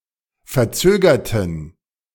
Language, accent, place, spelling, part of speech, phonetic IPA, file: German, Germany, Berlin, verzögerten, adjective / verb, [fɛɐ̯ˈt͡søːɡɐtn̩], De-verzögerten.ogg
- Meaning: inflection of verzögern: 1. first/third-person plural preterite 2. first/third-person plural subjunctive II